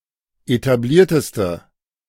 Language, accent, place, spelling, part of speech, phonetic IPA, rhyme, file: German, Germany, Berlin, etablierteste, adjective, [etaˈbliːɐ̯təstə], -iːɐ̯təstə, De-etablierteste.ogg
- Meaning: inflection of etabliert: 1. strong/mixed nominative/accusative feminine singular superlative degree 2. strong nominative/accusative plural superlative degree